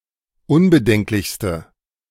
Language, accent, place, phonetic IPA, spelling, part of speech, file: German, Germany, Berlin, [ˈʊnbəˌdɛŋklɪçstə], unbedenklichste, adjective, De-unbedenklichste.ogg
- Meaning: inflection of unbedenklich: 1. strong/mixed nominative/accusative feminine singular superlative degree 2. strong nominative/accusative plural superlative degree